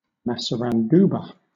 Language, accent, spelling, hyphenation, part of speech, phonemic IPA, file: English, Southern England, massaranduba, mas‧sa‧ran‧du‧ba, noun, /ˌmæ.sə.ɹænˈduː.bə/, LL-Q1860 (eng)-massaranduba.wav
- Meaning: A tropical hardwood tree, Manilkara bidentata, native to South America which produces edible fruit